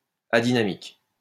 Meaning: adynamic
- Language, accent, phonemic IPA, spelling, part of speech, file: French, France, /a.di.na.mik/, adynamique, adjective, LL-Q150 (fra)-adynamique.wav